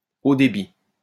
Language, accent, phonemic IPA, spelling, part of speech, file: French, France, /o de.bi/, haut débit, adjective / noun, LL-Q150 (fra)-haut débit.wav
- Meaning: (adjective) broadband